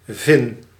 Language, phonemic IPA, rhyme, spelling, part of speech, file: Dutch, /vɪn/, -ɪn, vin, noun, Nl-vin.ogg
- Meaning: 1. fin 2. fin (aircraft component)